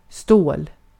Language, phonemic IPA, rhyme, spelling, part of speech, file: Swedish, /ˈstoːl/, -oːl, stål, noun, Sv-stål.ogg
- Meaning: 1. steel (a metal alloy) 2. a tool of steel